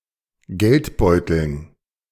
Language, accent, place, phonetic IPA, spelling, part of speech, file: German, Germany, Berlin, [ˈɡɛltˌbɔɪ̯tl̩n], Geldbeuteln, noun, De-Geldbeuteln.ogg
- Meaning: dative plural of Geldbeutel